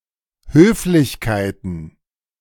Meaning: plural of Höflichkeit
- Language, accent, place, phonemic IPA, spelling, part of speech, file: German, Germany, Berlin, /ˈhøːflɪçkaɪ̯tn̩/, Höflichkeiten, noun, De-Höflichkeiten.ogg